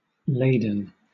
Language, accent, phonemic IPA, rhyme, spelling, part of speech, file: English, Southern England, /ˈleɪdən/, -eɪdən, laden, adjective / verb, LL-Q1860 (eng)-laden.wav
- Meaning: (adjective) 1. Weighed down with a load, burdened 2. Heavy 3. Oppressed 4. In the form of an adsorbate or adduct; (verb) 1. past participle of lade 2. To load or charge